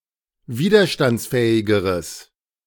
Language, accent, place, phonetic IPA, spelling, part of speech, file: German, Germany, Berlin, [ˈviːdɐʃtant͡sˌfɛːɪɡəʁəs], widerstandsfähigeres, adjective, De-widerstandsfähigeres.ogg
- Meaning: strong/mixed nominative/accusative neuter singular comparative degree of widerstandsfähig